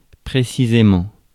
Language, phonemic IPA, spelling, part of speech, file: French, /pʁe.si.ze.mɑ̃/, précisément, adverb, Fr-précisément.ogg
- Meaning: 1. in a precise manner; without approximation 2. specifically 3. exactly, precisely 4. indicates a logical link